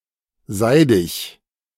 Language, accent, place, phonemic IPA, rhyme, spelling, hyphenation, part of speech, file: German, Germany, Berlin, /ˈzaɪ̯dɪç/, -aɪ̯dɪç, seidig, sei‧dig, adjective, De-seidig.ogg
- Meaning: silky